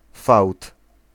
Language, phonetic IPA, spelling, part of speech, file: Polish, [fawt], fałd, noun, Pl-fałd.ogg